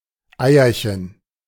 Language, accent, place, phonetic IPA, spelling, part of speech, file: German, Germany, Berlin, [ˈaɪ̯ɐçən], Eierchen, noun, De-Eierchen.ogg
- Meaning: diminutive of Ei